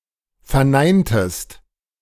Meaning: inflection of verneinen: 1. second-person singular preterite 2. second-person singular subjunctive II
- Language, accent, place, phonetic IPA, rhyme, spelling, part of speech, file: German, Germany, Berlin, [fɛɐ̯ˈnaɪ̯ntəst], -aɪ̯ntəst, verneintest, verb, De-verneintest.ogg